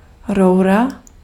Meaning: pipe, pipeline (computing) (means of interprocess communication)
- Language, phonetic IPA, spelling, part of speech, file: Czech, [ˈrou̯ra], roura, noun, Cs-roura.ogg